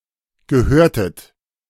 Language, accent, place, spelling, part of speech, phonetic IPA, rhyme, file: German, Germany, Berlin, gehörtet, verb, [ɡəˈhøːɐ̯tət], -øːɐ̯tət, De-gehörtet.ogg
- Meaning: inflection of gehören: 1. second-person plural preterite 2. second-person plural subjunctive II